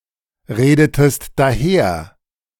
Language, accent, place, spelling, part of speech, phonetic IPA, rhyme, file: German, Germany, Berlin, redetest daher, verb, [ˌʁeːdətəst daˈheːɐ̯], -eːɐ̯, De-redetest daher.ogg
- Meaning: inflection of daherreden: 1. second-person singular preterite 2. second-person singular subjunctive II